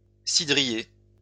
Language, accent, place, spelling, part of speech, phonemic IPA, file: French, France, Lyon, cidrier, noun, /si.dʁi.je/, LL-Q150 (fra)-cidrier.wav
- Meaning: cider brewer